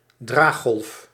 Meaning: carrier wave
- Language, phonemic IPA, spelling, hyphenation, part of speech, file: Dutch, /ˈdraː(x).ɣɔlf/, draaggolf, draag‧golf, noun, Nl-draaggolf.ogg